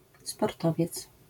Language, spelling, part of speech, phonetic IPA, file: Polish, sportowiec, noun, [spɔrˈtɔvʲjɛt͡s], LL-Q809 (pol)-sportowiec.wav